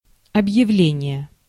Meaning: 1. declaration, announcement, proclamation (act of announcing) 2. announcement, notice (item placed somewhere for general information)
- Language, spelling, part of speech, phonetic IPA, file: Russian, объявление, noun, [ɐbjɪˈvlʲenʲɪje], Ru-объявление.ogg